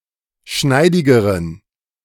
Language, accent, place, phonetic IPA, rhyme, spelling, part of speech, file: German, Germany, Berlin, [ˈʃnaɪ̯dɪɡəʁən], -aɪ̯dɪɡəʁən, schneidigeren, adjective, De-schneidigeren.ogg
- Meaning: inflection of schneidig: 1. strong genitive masculine/neuter singular comparative degree 2. weak/mixed genitive/dative all-gender singular comparative degree